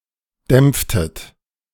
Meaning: inflection of dämpfen: 1. second-person plural preterite 2. second-person plural subjunctive II
- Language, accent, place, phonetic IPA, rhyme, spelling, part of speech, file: German, Germany, Berlin, [ˈdɛmp͡ftət], -ɛmp͡ftət, dämpftet, verb, De-dämpftet.ogg